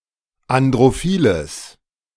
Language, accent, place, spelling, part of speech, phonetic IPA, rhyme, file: German, Germany, Berlin, androphiles, adjective, [andʁoˈfiːləs], -iːləs, De-androphiles.ogg
- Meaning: strong/mixed nominative/accusative neuter singular of androphil